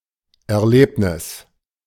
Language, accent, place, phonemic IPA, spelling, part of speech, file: German, Germany, Berlin, /ʔɛɐ̯ˈleːpnɪs/, Erlebnis, noun, De-Erlebnis.ogg
- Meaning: experience (event of which one is cognizant)